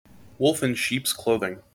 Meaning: Someone who or something which is harmful or threatening but disguised as something peaceful or pleasant
- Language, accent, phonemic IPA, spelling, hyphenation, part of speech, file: English, General American, /ˈwʊlf ən ˈʃips ˈkloʊðɪŋ/, wolf in sheep's clothing, wolf in sheep's cloth‧ing, noun, En-us-wolf in sheep's clothing.mp3